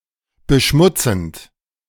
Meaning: present participle of beschmutzen
- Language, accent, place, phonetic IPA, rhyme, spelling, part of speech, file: German, Germany, Berlin, [bəˈʃmʊt͡sn̩t], -ʊt͡sn̩t, beschmutzend, verb, De-beschmutzend.ogg